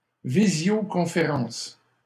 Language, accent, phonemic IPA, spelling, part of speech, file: French, Canada, /vi.zjo.kɔ̃.fe.ʁɑ̃s/, visioconférence, noun, LL-Q150 (fra)-visioconférence.wav
- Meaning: video conference